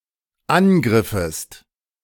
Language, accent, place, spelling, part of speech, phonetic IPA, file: German, Germany, Berlin, angriffest, verb, [ˈanˌɡʁɪfəst], De-angriffest.ogg
- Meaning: second-person singular dependent subjunctive II of angreifen